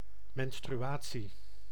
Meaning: menstruation
- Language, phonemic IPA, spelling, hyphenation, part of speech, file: Dutch, /mɛn.stryˈaː.(t)si/, menstruatie, men‧stru‧a‧tie, noun, Nl-menstruatie.ogg